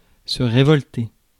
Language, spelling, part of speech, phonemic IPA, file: French, révolter, verb, /ʁe.vɔl.te/, Fr-révolter.ogg
- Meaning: 1. to revolt, appal, disgust 2. to revolt, rebel (against e.g. government)